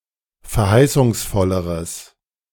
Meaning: strong/mixed nominative/accusative neuter singular comparative degree of verheißungsvoll
- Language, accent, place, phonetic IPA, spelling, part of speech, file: German, Germany, Berlin, [fɛɐ̯ˈhaɪ̯sʊŋsˌfɔləʁəs], verheißungsvolleres, adjective, De-verheißungsvolleres.ogg